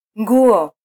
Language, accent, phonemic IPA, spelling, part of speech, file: Swahili, Kenya, /ŋ.ɡu.ɔ/, nguo, noun, Sw-ke-nguo.flac
- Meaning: 1. fabric 2. cloth (woven fabric) 3. clothing, clothes